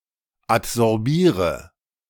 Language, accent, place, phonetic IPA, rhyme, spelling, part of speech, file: German, Germany, Berlin, [atzɔʁˈbiːʁə], -iːʁə, adsorbiere, verb, De-adsorbiere.ogg
- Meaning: inflection of adsorbieren: 1. first-person singular present 2. first/third-person singular subjunctive I 3. singular imperative